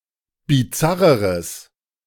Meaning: strong/mixed nominative/accusative neuter singular comparative degree of bizarr
- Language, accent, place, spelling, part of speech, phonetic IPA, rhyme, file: German, Germany, Berlin, bizarreres, adjective, [biˈt͡saʁəʁəs], -aʁəʁəs, De-bizarreres.ogg